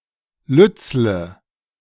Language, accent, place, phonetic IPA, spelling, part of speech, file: German, Germany, Berlin, [ˈlʏt͡sl̩ə], lützele, adjective, De-lützele.ogg
- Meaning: inflection of lützel: 1. strong/mixed nominative/accusative feminine singular 2. strong nominative/accusative plural 3. weak nominative all-gender singular 4. weak accusative feminine/neuter singular